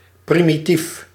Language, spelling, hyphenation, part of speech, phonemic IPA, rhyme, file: Dutch, primitief, pri‧mi‧tief, adjective, /ˌpri.miˈtif/, -if, Nl-primitief.ogg
- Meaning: primitive